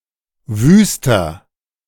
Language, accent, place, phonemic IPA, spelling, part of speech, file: German, Germany, Berlin, /ˈvyːstɐ/, wüster, adjective, De-wüster.ogg
- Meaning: 1. comparative degree of wüst 2. inflection of wüst: strong/mixed nominative masculine singular 3. inflection of wüst: strong genitive/dative feminine singular